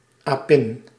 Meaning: a female monkey, primate or ape
- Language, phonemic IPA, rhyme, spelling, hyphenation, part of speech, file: Dutch, /aːˈpɪn/, -ɪn, apin, apin, noun, Nl-apin.ogg